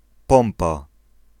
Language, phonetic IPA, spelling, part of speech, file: Polish, [ˈpɔ̃mpa], Pompa, proper noun, Pl-Pompa.ogg